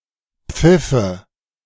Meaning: nominative/accusative/genitive plural of Pfiff "whistles"
- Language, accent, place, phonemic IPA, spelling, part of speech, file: German, Germany, Berlin, /ˈpfɪfə/, Pfiffe, noun, De-Pfiffe.ogg